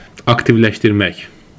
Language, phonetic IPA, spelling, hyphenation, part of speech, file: Azerbaijani, [ɑktivlæʃtirˈmæk], aktivləşdirmək, ak‧tiv‧ləş‧dir‧mək, verb, Az-az-aktivləşdirmək.ogg
- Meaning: to activate, to enable (to put something into action)